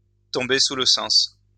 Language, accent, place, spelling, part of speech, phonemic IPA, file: French, France, Lyon, tomber sous le sens, verb, /tɔ̃.be su l(ə) sɑ̃s/, LL-Q150 (fra)-tomber sous le sens.wav
- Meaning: to stand to reason